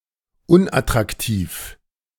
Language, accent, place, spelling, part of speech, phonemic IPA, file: German, Germany, Berlin, unattraktiv, adjective, /ˈʊnʔatʁakˌtiːf/, De-unattraktiv.ogg
- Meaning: unattractive